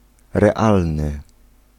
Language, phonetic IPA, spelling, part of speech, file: Polish, [rɛˈalnɨ], realny, adjective, Pl-realny.ogg